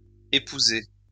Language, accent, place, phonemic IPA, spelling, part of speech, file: French, France, Lyon, /e.pu.ze/, épousées, verb, LL-Q150 (fra)-épousées.wav
- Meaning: feminine plural of épousé